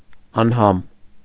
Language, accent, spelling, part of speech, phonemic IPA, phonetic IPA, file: Armenian, Eastern Armenian, անհամ, adjective, /ɑnˈhɑm/, [ɑnhɑ́m], Hy-անհամ .ogg
- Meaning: 1. tasteless 2. banal, insipid